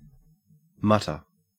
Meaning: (noun) A repressed or obscure utterance; an instance of muttering
- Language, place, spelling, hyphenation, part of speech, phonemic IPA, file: English, Queensland, mutter, mut‧ter, noun / verb, /ˈmɐtə/, En-au-mutter.ogg